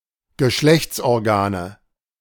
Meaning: nominative/accusative/genitive plural of Geschlechtsorgan
- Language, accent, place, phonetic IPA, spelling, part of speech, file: German, Germany, Berlin, [ɡəˈʃlɛçt͡sʔɔʁˌɡaːnə], Geschlechtsorgane, noun, De-Geschlechtsorgane.ogg